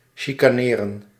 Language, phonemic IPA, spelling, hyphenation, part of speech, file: Dutch, /ˌʃi.kaːˈneː.rə(n)/, chicaneren, chi‧ca‧ne‧ren, verb, Nl-chicaneren.ogg
- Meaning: 1. to cavil, to pettifog 2. to quarrel